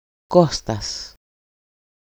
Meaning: A shortened, everyday form of Κωνσταντίνος
- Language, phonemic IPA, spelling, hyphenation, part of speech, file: Greek, /ˈko.stas/, Κώστας, Κώ‧στας, proper noun, EL-Κώστας.ogg